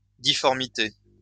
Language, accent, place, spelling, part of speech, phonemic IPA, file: French, France, Lyon, difformité, noun, /di.fɔʁ.mi.te/, LL-Q150 (fra)-difformité.wav
- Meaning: deformity